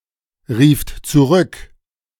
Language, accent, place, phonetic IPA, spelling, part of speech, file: German, Germany, Berlin, [ˌʁiːft t͡suˈʁʏk], rieft zurück, verb, De-rieft zurück.ogg
- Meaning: second-person plural preterite of zurückrufen